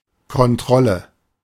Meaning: 1. inspection 2. control
- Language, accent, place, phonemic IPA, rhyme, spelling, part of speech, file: German, Germany, Berlin, /kɔnˈtʁɔlə/, -ɔlə, Kontrolle, noun, De-Kontrolle.ogg